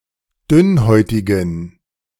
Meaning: inflection of dünnhäutig: 1. strong genitive masculine/neuter singular 2. weak/mixed genitive/dative all-gender singular 3. strong/weak/mixed accusative masculine singular 4. strong dative plural
- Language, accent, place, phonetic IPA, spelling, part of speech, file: German, Germany, Berlin, [ˈdʏnˌhɔɪ̯tɪɡn̩], dünnhäutigen, adjective, De-dünnhäutigen.ogg